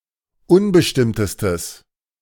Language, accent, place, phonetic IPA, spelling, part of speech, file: German, Germany, Berlin, [ˈʊnbəʃtɪmtəstəs], unbestimmtestes, adjective, De-unbestimmtestes.ogg
- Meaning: strong/mixed nominative/accusative neuter singular superlative degree of unbestimmt